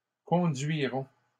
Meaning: third-person plural future of conduire
- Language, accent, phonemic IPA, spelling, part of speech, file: French, Canada, /kɔ̃.dɥi.ʁɔ̃/, conduiront, verb, LL-Q150 (fra)-conduiront.wav